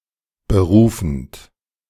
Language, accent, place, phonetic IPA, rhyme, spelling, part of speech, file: German, Germany, Berlin, [bəˈʁuːfn̩t], -uːfn̩t, berufend, verb, De-berufend.ogg
- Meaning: present participle of berufen